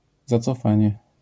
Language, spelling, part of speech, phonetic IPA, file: Polish, zacofanie, noun, [ˌzat͡sɔˈfãɲɛ], LL-Q809 (pol)-zacofanie.wav